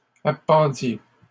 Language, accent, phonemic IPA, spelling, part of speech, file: French, Canada, /a.pɑ̃.dje/, appendiez, verb, LL-Q150 (fra)-appendiez.wav
- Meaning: inflection of appendre: 1. second-person plural imperfect indicative 2. second-person plural present subjunctive